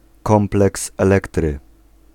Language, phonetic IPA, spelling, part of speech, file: Polish, [ˈkɔ̃mplɛks ɛˈlɛktrɨ], kompleks Elektry, noun, Pl-kompleks Elektry.ogg